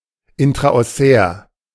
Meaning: intraosseous, intraossal
- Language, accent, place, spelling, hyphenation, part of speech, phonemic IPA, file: German, Germany, Berlin, intraossär, in‧tra‧os‧sär, adjective, /ˌɪntʁaʔɔˈsɛːɐ̯/, De-intraossär.ogg